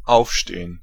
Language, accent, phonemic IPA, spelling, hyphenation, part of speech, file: German, Germany, /ˈʔaufˌʃteːən/, aufstehen, auf‧ste‧hen, verb, De-aufstehen.ogg
- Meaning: 1. to get up (move from a sitting or lying position to a standing position; to get up from bed) 2. to rise up, to rebel 3. to rest (on something) 4. to be open (to not be closed or shut)